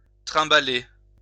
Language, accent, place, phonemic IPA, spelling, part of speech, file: French, France, Lyon, /tʁɛ̃.ba.le/, trimbaler, verb, LL-Q150 (fra)-trimbaler.wav
- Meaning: 1. to drag 2. to lug, lug around, cart 3. to have in mind 4. to run ragged